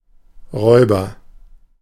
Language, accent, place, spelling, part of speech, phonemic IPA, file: German, Germany, Berlin, Räuber, noun, /ˈʁɔʏ̯bɐ/, De-Räuber.ogg
- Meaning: agent noun of rauben: 1. robber, thief 2. pirate 3. sucker 4. predator